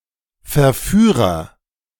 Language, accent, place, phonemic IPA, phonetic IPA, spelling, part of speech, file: German, Germany, Berlin, /fɛʁˈfyːʁəʁ/, [fɛɐ̯ˈfyːʁɐ], Verführer, noun, De-Verführer.ogg
- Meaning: agent noun of verführen; seducer